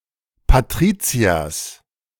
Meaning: genitive singular of Patrizier
- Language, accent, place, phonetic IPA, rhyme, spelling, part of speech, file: German, Germany, Berlin, [paˈtʁiːt͡si̯ɐs], -iːt͡si̯ɐs, Patriziers, noun, De-Patriziers.ogg